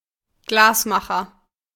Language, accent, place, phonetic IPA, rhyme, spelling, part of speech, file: German, Germany, Berlin, [ˈɡlaːsˌmaxɐ], -aːsmaxɐ, Glasmacher, noun, De-Glasmacher.ogg
- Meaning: glassmaker (male or of unspecified gender)